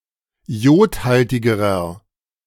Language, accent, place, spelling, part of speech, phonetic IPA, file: German, Germany, Berlin, iodhaltigerer, adjective, [ˈi̯oːtˌhaltɪɡəʁɐ], De-iodhaltigerer.ogg
- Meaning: inflection of iodhaltig: 1. strong/mixed nominative masculine singular comparative degree 2. strong genitive/dative feminine singular comparative degree 3. strong genitive plural comparative degree